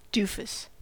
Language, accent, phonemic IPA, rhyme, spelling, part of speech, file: English, US, /ˈduːfəs/, -uːfəs, doofus, noun, En-us-doofus.ogg
- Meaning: A person with poor judgment and taste; a foolish or silly person